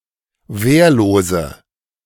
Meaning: inflection of wehrlos: 1. strong/mixed nominative/accusative feminine singular 2. strong nominative/accusative plural 3. weak nominative all-gender singular 4. weak accusative feminine/neuter singular
- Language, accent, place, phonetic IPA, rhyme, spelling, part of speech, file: German, Germany, Berlin, [ˈveːɐ̯loːzə], -eːɐ̯loːzə, wehrlose, adjective, De-wehrlose.ogg